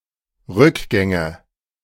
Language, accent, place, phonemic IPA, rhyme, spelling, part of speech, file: German, Germany, Berlin, /ˈʁʏkˌɡɛŋə/, -ɛŋə, Rückgänge, noun, De-Rückgänge.ogg
- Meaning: nominative/accusative/genitive plural of Rückgang